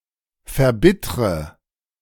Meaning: inflection of verbittern: 1. first-person singular present 2. first/third-person singular subjunctive I 3. singular imperative
- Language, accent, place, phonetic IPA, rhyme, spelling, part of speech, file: German, Germany, Berlin, [fɛɐ̯ˈbɪtʁə], -ɪtʁə, verbittre, verb, De-verbittre.ogg